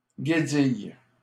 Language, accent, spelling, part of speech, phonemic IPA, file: French, Canada, guédille, noun, /ɡe.dij/, LL-Q150 (fra)-guédille.wav
- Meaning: 1. lobster roll (or similar) 2. snot (mucus from the nose)